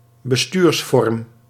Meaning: form of government; polity
- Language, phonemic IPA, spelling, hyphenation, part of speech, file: Dutch, /bəˈstyːrsfɔrm/, bestuursvorm, be‧stuurs‧vorm, noun, Nl-bestuursvorm.ogg